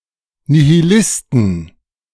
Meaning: 1. genitive singular of Nihilist 2. plural of Nihilist
- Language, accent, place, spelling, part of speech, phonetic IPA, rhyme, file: German, Germany, Berlin, Nihilisten, noun, [ˌnihiˈlɪstn̩], -ɪstn̩, De-Nihilisten.ogg